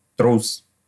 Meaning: 1. coward 2. earthquake
- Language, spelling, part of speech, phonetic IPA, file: Russian, трус, noun, [trus], Ru-трус.ogg